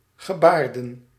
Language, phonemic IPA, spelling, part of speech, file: Dutch, /ɣəˈbardə(n)/, gebaarden, verb / noun, Nl-gebaarden.ogg
- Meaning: inflection of gebaren: 1. plural past indicative 2. plural past subjunctive